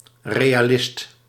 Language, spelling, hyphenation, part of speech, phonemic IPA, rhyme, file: Dutch, realist, re‧a‧list, noun, /ˌreː.aːˈlɪst/, -ɪst, Nl-realist.ogg
- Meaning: 1. realist (someone with concern for fact and reality) 2. realist (artist who seeks to faithfully represent reality) 3. realist (one who thinks that universals are real)